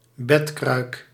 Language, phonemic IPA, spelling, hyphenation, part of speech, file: Dutch, /ˈbɛt.krœy̯k/, bedkruik, bed‧kruik, noun, Nl-bedkruik.ogg
- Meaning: hot water bottle